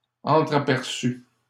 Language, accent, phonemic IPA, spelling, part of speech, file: French, Canada, /ɑ̃.tʁa.pɛʁ.sy/, entraperçus, adjective, LL-Q150 (fra)-entraperçus.wav
- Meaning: masculine plural of entraperçu